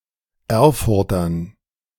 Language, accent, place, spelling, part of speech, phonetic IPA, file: German, Germany, Berlin, Erfurtern, noun, [ˈɛʁfʊʁtɐn], De-Erfurtern.ogg
- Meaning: dative plural of Erfurter